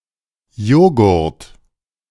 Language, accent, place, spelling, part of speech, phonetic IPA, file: German, Germany, Berlin, Joghurt, noun, [ˈjoːɡʊɐ̯t], De-Joghurt.ogg
- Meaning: yogurt